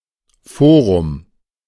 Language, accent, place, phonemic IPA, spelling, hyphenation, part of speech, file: German, Germany, Berlin, /ˈfoːʁʊm/, Forum, Fo‧rum, noun, De-Forum.ogg
- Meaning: 1. forum 2. legal venue, territorially competent jurisdiction